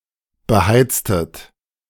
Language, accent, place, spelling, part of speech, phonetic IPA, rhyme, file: German, Germany, Berlin, beheiztet, verb, [bəˈhaɪ̯t͡stət], -aɪ̯t͡stət, De-beheiztet.ogg
- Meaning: inflection of beheizen: 1. second-person plural preterite 2. second-person plural subjunctive II